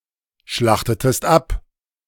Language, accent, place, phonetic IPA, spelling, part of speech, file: German, Germany, Berlin, [ˌʃlaxtətəst ˈap], schlachtetest ab, verb, De-schlachtetest ab.ogg
- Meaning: inflection of abschlachten: 1. second-person singular preterite 2. second-person singular subjunctive II